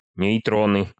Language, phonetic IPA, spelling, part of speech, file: Russian, [nʲɪjˈtronɨ], нейтроны, noun, Ru-нейтроны.ogg
- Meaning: nominative/accusative plural of нейтро́н (nejtrón)